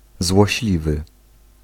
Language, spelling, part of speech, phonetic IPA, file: Polish, złośliwy, adjective, [zwɔɕˈlʲivɨ], Pl-złośliwy.ogg